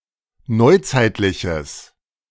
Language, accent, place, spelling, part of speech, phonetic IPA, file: German, Germany, Berlin, neuzeitliches, adjective, [ˈnɔɪ̯ˌt͡saɪ̯tlɪçəs], De-neuzeitliches.ogg
- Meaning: strong/mixed nominative/accusative neuter singular of neuzeitlich